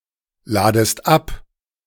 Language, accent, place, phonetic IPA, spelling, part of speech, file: German, Germany, Berlin, [ˌlaːdəst ˈap], ladest ab, verb, De-ladest ab.ogg
- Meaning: second-person singular subjunctive I of abladen